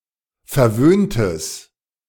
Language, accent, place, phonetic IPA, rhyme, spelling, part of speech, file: German, Germany, Berlin, [fɛɐ̯ˈvøːntəs], -øːntəs, verwöhntes, adjective, De-verwöhntes.ogg
- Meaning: strong/mixed nominative/accusative neuter singular of verwöhnt